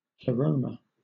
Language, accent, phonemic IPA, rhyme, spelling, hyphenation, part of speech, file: English, Southern England, /plɪˈɹəʊmə/, -əʊmə, pleroma, ple‧ro‧ma, noun / proper noun, LL-Q1860 (eng)-pleroma.wav
- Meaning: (noun) A plant of the genus Pleroma